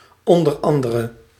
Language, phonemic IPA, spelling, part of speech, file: Dutch, /ˌɔndərˈɑndərə/, o.a., adverb, Nl-o.a..ogg
- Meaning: abbreviation of onder andere